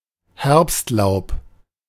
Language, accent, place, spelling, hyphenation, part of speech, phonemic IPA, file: German, Germany, Berlin, Herbstlaub, Herbst‧laub, noun, /ˈhɛʁpstˌlaʊ̯p/, De-Herbstlaub.ogg
- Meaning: autumn leaves, autumn foliage, fall foliage